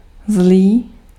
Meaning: 1. evil 2. bad
- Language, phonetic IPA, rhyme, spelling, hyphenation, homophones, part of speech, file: Czech, [ˈzliː], -liː, zlý, zlý, zlí, adjective, Cs-zlý.ogg